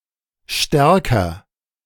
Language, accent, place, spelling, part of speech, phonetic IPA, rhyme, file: German, Germany, Berlin, stärker, adjective, [ˈʃtɛʁkɐ], -ɛʁkɐ, De-stärker.ogg
- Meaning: comparative degree of stark